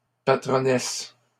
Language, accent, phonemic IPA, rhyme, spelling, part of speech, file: French, Canada, /pa.tʁɔ.nɛs/, -ɛs, patronnesse, adjective, LL-Q150 (fra)-patronnesse.wav
- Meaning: only used in dame patronnesse